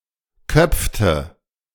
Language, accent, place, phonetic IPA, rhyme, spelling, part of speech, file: German, Germany, Berlin, [ˈkœp͡ftə], -œp͡ftə, köpfte, verb, De-köpfte.ogg
- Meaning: inflection of köpfen: 1. first/third-person singular preterite 2. first/third-person singular subjunctive II